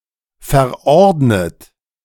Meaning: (verb) past participle of verordnen; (adjective) prescribed; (verb) inflection of verordnen: 1. third-person singular present 2. second-person plural present 3. second-person plural subjunctive I
- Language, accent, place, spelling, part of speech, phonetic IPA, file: German, Germany, Berlin, verordnet, adjective / verb, [fɛɐ̯ˈʔɔʁdnət], De-verordnet.ogg